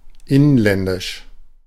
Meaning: domestic, internal (not foreign)
- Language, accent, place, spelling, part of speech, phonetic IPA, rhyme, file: German, Germany, Berlin, inländisch, adjective, [ˈɪnlɛndɪʃ], -ɪnlɛndɪʃ, De-inländisch.ogg